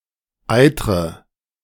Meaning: inflection of eitern: 1. first-person singular present 2. first/third-person singular subjunctive I 3. singular imperative
- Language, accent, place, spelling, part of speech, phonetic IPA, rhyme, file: German, Germany, Berlin, eitre, verb, [ˈaɪ̯tʁə], -aɪ̯tʁə, De-eitre.ogg